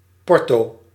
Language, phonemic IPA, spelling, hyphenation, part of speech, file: Dutch, /ˈpɔr.toː/, porto, por‧to, noun, Nl-porto.ogg
- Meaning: the postage due for having a letter or package transported and delivered by a postal service